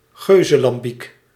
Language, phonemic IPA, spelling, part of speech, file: Dutch, /ˈɣøzəlɑmˌbik/, geuzelambiek, noun, Nl-geuzelambiek.ogg
- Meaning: Belgian lambic made by fermenting a blend of young and old lambics